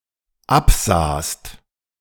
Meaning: second-person singular dependent preterite of absehen
- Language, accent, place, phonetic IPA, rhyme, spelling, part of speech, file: German, Germany, Berlin, [ˈapˌzaːst], -apzaːst, absahst, verb, De-absahst.ogg